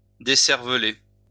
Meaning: 1. to debrain (to remove the brain) 2. to brainwash
- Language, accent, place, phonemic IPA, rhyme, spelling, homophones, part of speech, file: French, France, Lyon, /de.sɛʁ.və.le/, -e, décerveler, décervelai / décervelé / décervelée / décervelées / décervelés / décervelez, verb, LL-Q150 (fra)-décerveler.wav